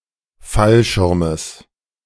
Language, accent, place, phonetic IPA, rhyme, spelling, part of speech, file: German, Germany, Berlin, [ˈfalˌʃɪʁməs], -alʃɪʁməs, Fallschirmes, noun, De-Fallschirmes.ogg
- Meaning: genitive singular of Fallschirm